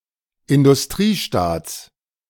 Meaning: genitive singular of Industriestaat
- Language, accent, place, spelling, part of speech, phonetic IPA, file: German, Germany, Berlin, Industriestaats, noun, [ɪndʊsˈtʁiːˌʃtaːt͡s], De-Industriestaats.ogg